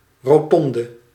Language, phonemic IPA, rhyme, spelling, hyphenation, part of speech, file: Dutch, /roːˈtɔn.də/, -ɔndə, rotonde, ro‧ton‧de, noun, Nl-rotonde.ogg
- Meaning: 1. a roundabout (road junction at which traffic streams circularly around a central island) 2. a rotunda 3. a sleeveless coat worn by women